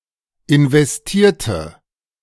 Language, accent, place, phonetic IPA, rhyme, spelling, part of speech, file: German, Germany, Berlin, [ɪnvɛsˈtiːɐ̯tə], -iːɐ̯tə, investierte, adjective / verb, De-investierte.ogg
- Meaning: inflection of investieren: 1. first/third-person singular preterite 2. first/third-person singular subjunctive II